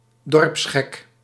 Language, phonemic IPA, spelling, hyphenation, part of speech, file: Dutch, /ˈdɔrps.xɛk/, dorpsgek, dorps‧gek, noun, Nl-dorpsgek.ogg
- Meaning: village idiot